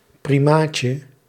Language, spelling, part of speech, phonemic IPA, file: Dutch, primaatje, noun, /priˈmacə/, Nl-primaatje.ogg
- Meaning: diminutive of primaat